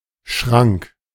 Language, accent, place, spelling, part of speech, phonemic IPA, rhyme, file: German, Germany, Berlin, Schrank, noun, /ʃʁaŋk/, -aŋk, De-Schrank.ogg
- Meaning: cabinet (storage closet either separate from, or built into, a wall), or (specifically): cupboard (cabinet, often built into a wall, with shelves intended for storage)